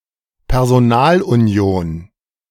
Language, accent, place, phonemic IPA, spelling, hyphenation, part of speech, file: German, Germany, Berlin, /pɛʁzoˈnaːlʔuˌni̯oːn/, Personalunion, Per‧so‧nal‧uni‧on, noun, De-Personalunion.ogg
- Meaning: personal union